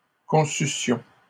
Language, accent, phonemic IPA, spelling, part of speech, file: French, Canada, /kɔ̃.sy.sjɔ̃/, conçussions, verb, LL-Q150 (fra)-conçussions.wav
- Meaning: first-person plural imperfect subjunctive of concevoir